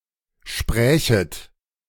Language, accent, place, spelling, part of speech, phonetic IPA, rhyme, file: German, Germany, Berlin, sprächet, verb, [ˈʃpʁɛːçət], -ɛːçət, De-sprächet.ogg
- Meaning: second-person plural subjunctive II of sprechen